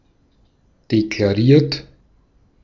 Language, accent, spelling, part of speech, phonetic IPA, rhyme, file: German, Austria, deklariert, verb, [deklaˈʁiːɐ̯t], -iːɐ̯t, De-at-deklariert.ogg
- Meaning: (adjective) declared, avowed, professed; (verb) 1. past participle of deklarieren 2. inflection of deklarieren: third-person singular present 3. inflection of deklarieren: second-person plural present